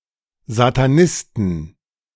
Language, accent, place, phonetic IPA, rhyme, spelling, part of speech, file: German, Germany, Berlin, [zataˈnɪstn̩], -ɪstn̩, Satanisten, noun, De-Satanisten.ogg
- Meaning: genitive of Satanist